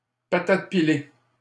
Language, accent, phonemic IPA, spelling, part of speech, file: French, Canada, /pa.tat pi.le/, patates pilées, noun, LL-Q150 (fra)-patates pilées.wav
- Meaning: mashed potatoes